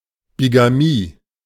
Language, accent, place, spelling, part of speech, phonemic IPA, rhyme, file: German, Germany, Berlin, Bigamie, noun, /ˌbiɡaˈmiː/, -iː, De-Bigamie.ogg
- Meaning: bigamy (the state of having two (legal or illegal) spouses simultaneously)